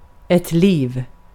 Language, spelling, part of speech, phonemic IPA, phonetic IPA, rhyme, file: Swedish, liv, noun, /liːv/, [liːv], -iːv, Sv-liv.ogg
- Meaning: 1. life (time alive) 2. life (time alive): existence 3. life (time alive): lifetime 4. life (time alive): to get something to eat (or consume more generally, in a figurative sense)